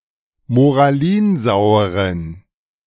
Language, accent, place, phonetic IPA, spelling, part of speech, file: German, Germany, Berlin, [moʁaˈliːnˌzaʊ̯əʁən], moralinsaueren, adjective, De-moralinsaueren.ogg
- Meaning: inflection of moralinsauer: 1. strong genitive masculine/neuter singular 2. weak/mixed genitive/dative all-gender singular 3. strong/weak/mixed accusative masculine singular 4. strong dative plural